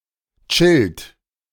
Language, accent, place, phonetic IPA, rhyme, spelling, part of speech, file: German, Germany, Berlin, [t͡ʃɪlt], -ɪlt, chillt, verb, De-chillt.ogg
- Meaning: inflection of chillen: 1. third-person singular present 2. second-person plural present 3. plural imperative